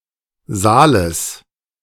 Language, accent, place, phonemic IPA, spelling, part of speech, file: German, Germany, Berlin, /ˈzaːləs/, Saales, noun, De-Saales.ogg
- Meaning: genitive singular of Saal